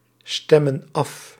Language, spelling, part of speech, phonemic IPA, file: Dutch, stemmen af, verb, /ˈstɛmə(n) ˈɑf/, Nl-stemmen af.ogg
- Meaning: inflection of afstemmen: 1. plural present indicative 2. plural present subjunctive